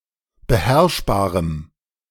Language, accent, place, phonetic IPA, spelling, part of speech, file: German, Germany, Berlin, [bəˈhɛʁʃbaːʁəm], beherrschbarem, adjective, De-beherrschbarem.ogg
- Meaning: strong dative masculine/neuter singular of beherrschbar